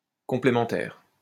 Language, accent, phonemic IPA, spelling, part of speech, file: French, France, /kɔ̃.ple.mɑ̃.tɛʁ/, complémentaire, adjective, LL-Q150 (fra)-complémentaire.wav
- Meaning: complementary